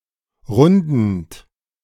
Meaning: present participle of runden
- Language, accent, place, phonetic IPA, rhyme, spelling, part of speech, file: German, Germany, Berlin, [ˈʁʊndn̩t], -ʊndn̩t, rundend, verb, De-rundend.ogg